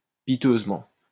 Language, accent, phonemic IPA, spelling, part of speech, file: French, France, /pi.tøz.mɑ̃/, piteusement, adverb, LL-Q150 (fra)-piteusement.wav
- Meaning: 1. piteously 2. miserably